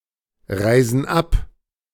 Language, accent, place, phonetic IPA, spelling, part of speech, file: German, Germany, Berlin, [ˌʁaɪ̯zn̩ ˈap], reisen ab, verb, De-reisen ab.ogg
- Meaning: inflection of abreisen: 1. first/third-person plural present 2. first/third-person plural subjunctive I